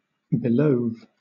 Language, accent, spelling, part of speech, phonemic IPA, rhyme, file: English, Southern England, belove, verb, /bɪˈləʊv/, -əʊv, LL-Q1860 (eng)-belove.wav
- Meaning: simple past of belive